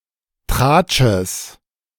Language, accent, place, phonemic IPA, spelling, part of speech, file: German, Germany, Berlin, /ˈtʁaːtʃəs/, Tratsches, noun, De-Tratsches.ogg
- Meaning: genitive singular of Tratsch